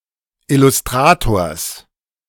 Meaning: genitive singular of Illustrator
- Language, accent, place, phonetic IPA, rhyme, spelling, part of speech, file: German, Germany, Berlin, [ɪlʊsˈtʁaːtoːɐ̯s], -aːtoːɐ̯s, Illustrators, noun, De-Illustrators.ogg